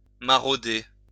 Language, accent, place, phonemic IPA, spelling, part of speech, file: French, France, Lyon, /ma.ʁo.de/, marauder, verb, LL-Q150 (fra)-marauder.wav
- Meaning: 1. to pilfer 2. to prowl